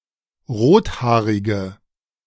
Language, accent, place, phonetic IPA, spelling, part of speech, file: German, Germany, Berlin, [ˈʁoːtˌhaːʁɪɡə], rothaarige, adjective, De-rothaarige.ogg
- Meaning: inflection of rothaarig: 1. strong/mixed nominative/accusative feminine singular 2. strong nominative/accusative plural 3. weak nominative all-gender singular